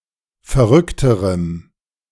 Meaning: strong dative masculine/neuter singular comparative degree of verrückt
- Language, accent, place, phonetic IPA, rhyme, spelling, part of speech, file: German, Germany, Berlin, [fɛɐ̯ˈʁʏktəʁəm], -ʏktəʁəm, verrückterem, adjective, De-verrückterem.ogg